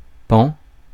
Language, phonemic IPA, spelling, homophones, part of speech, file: French, /pɑ̃/, pan, pans / paon / paons / pend / pends, noun / interjection, Fr-pan.ogg
- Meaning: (noun) 1. piece, part 2. side, face 3. flap, lap (of coat) 4. patch, area, section, sector; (interjection) 1. bang! (sound of a gun) 2. bam!